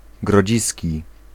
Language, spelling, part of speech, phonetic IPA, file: Polish, grodziski, adjective, [ɡrɔˈd͡ʑisʲci], Pl-grodziski.ogg